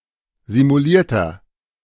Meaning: inflection of simuliert: 1. strong/mixed nominative masculine singular 2. strong genitive/dative feminine singular 3. strong genitive plural
- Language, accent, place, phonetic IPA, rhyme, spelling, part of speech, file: German, Germany, Berlin, [zimuˈliːɐ̯tɐ], -iːɐ̯tɐ, simulierter, adjective, De-simulierter.ogg